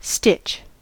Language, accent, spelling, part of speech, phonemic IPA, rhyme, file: English, General American, stitch, noun / verb, /stɪt͡ʃ/, -ɪtʃ, En-us-stitch.ogg
- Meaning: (noun) A single pass of a needle in sewing; the loop or turn of the thread thus made